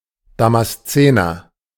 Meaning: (noun) Damascene (native or inhabitant of Damascus); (adjective) of Damascus; Damascene
- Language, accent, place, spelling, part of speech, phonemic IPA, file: German, Germany, Berlin, Damaszener, noun / adjective, /ˌdamasˈtseːnɐ/, De-Damaszener.ogg